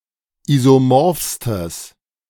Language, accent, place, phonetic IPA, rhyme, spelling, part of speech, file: German, Germany, Berlin, [ˌizoˈmɔʁfstəs], -ɔʁfstəs, isomorphstes, adjective, De-isomorphstes.ogg
- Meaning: strong/mixed nominative/accusative neuter singular superlative degree of isomorph